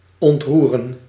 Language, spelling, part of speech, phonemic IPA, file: Dutch, ontroeren, verb, /ˌɔntˈru.rə(n)/, Nl-ontroeren.ogg
- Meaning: to move, to cause to become emotional